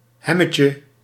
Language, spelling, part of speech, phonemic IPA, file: Dutch, hemmetje, noun, /ˈɦɛ.mə.tjə/, Nl-hemmetje.ogg
- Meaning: shirt, blouse